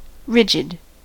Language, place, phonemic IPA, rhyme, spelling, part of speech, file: English, California, /ˈɹɪd͡ʒ.ɪd/, -ɪdʒɪd, rigid, adjective / noun, En-us-rigid.ogg
- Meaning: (adjective) 1. Stiff, rather than flexible 2. Having inflexible thoughts, opinions, or beliefs 3. Fixed, rather than moving 4. Rigorous and unbending 5. Uncompromising